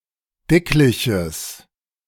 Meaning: strong/mixed nominative/accusative neuter singular of dicklich
- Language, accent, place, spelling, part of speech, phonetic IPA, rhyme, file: German, Germany, Berlin, dickliches, adjective, [ˈdɪklɪçəs], -ɪklɪçəs, De-dickliches.ogg